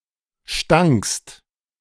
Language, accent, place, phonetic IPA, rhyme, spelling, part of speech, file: German, Germany, Berlin, [ʃtaŋkst], -aŋkst, stankst, verb, De-stankst.ogg
- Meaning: second-person singular preterite of stinken